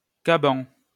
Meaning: reefer jacket
- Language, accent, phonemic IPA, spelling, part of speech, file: French, France, /ka.bɑ̃/, caban, noun, LL-Q150 (fra)-caban.wav